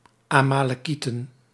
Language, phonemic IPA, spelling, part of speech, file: Dutch, /amaləˈkitə(n)/, Amalekieten, noun, Nl-Amalekieten.ogg
- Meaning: plural of Amalekiet